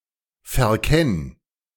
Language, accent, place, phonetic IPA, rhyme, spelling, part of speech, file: German, Germany, Berlin, [fɛɐ̯ˈkɛn], -ɛn, verkenn, verb, De-verkenn.ogg
- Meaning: singular imperative of verkennen